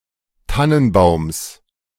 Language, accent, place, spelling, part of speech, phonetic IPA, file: German, Germany, Berlin, Tannenbaums, noun, [ˈtanənˌbaʊ̯ms], De-Tannenbaums.ogg
- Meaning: genitive singular of Tannenbaum